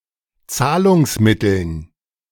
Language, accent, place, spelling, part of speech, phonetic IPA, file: German, Germany, Berlin, Zahlungsmitteln, noun, [ˈt͡saːlʊŋsˌmɪtl̩n], De-Zahlungsmitteln.ogg
- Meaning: dative plural of Zahlungsmittel